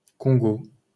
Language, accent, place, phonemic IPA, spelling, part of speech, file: French, France, Paris, /kɔ̃.ɡo/, Congo, proper noun, LL-Q150 (fra)-Congo.wav
- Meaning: Democratic Republic of the Congo (a country in Central Africa, larger and to the east of the Republic of the Congo)